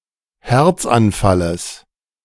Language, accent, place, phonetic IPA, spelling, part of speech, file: German, Germany, Berlin, [ˈhɛʁt͡sanˌfaləs], Herzanfalles, noun, De-Herzanfalles.ogg
- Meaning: genitive singular of Herzanfall